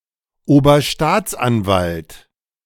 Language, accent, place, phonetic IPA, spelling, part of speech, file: German, Germany, Berlin, [oːbɐˈʃtaːt͡sʔanˌvalt], Oberstaatsanwalt, noun, De-Oberstaatsanwalt.ogg
- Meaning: chief prosecutor, Senior Public Prosecutor